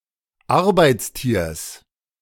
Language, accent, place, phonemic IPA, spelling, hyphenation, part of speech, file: German, Germany, Berlin, /ˈaʁbaɪ̯tsˌtiːɐ̯s/, Arbeitstiers, Ar‧beits‧tiers, noun, De-Arbeitstiers.ogg
- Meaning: genitive singular of Arbeitstier